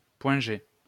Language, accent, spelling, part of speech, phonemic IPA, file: French, France, point G, noun, /pwɛ̃ ʒe/, LL-Q150 (fra)-point G.wav
- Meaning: G-spot